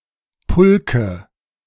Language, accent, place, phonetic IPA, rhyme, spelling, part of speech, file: German, Germany, Berlin, [ˈpʊlkə], -ʊlkə, Pulke, noun, De-Pulke.ogg
- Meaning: nominative/accusative/genitive plural of Pulk